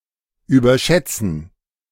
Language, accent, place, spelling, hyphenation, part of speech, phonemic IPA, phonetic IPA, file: German, Germany, Berlin, überschätzen, über‧schät‧zen, verb, /ˌyːbəʁˈʃɛtsən/, [ˌʔyːbɐˈʃɛtsn̩], De-überschätzen.ogg
- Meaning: to overestimate